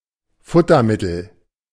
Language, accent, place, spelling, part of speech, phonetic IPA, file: German, Germany, Berlin, Futtermittel, noun, [ˈfʊtɐˌmɪtl̩], De-Futtermittel.ogg
- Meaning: fodder, feed